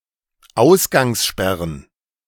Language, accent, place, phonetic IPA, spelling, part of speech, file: German, Germany, Berlin, [ˈaʊ̯sɡaŋsˌʃpɛʁən], Ausgangssperren, noun, De-Ausgangssperren.ogg
- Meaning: plural of Ausgangssperre